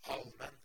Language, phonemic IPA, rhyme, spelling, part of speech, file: Norwegian Bokmål, /ˈɑlmɛnː/, -ɛn, allmenn, adjective, No-allmenn.ogg
- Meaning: 1. which applies to all 2. public 3. common, ordinary, general 4. universal